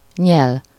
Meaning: to swallow, gulp
- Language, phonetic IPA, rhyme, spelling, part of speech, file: Hungarian, [ˈɲɛl], -ɛl, nyel, verb, Hu-nyel.ogg